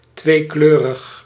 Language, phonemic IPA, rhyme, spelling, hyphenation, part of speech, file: Dutch, /ˌtʋeːˈkløː.rəx/, -øːrəx, tweekleurig, twee‧kleu‧rig, adjective, Nl-tweekleurig.ogg
- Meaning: two-coloured, bicolour